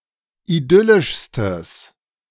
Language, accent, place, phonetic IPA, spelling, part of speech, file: German, Germany, Berlin, [iˈdʏlɪʃstəs], idyllischstes, adjective, De-idyllischstes.ogg
- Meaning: strong/mixed nominative/accusative neuter singular superlative degree of idyllisch